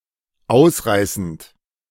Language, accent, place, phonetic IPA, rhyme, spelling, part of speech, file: German, Germany, Berlin, [ˈaʊ̯sˌʁaɪ̯sn̩t], -aʊ̯sʁaɪ̯sn̩t, ausreißend, verb, De-ausreißend.ogg
- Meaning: present participle of ausreißen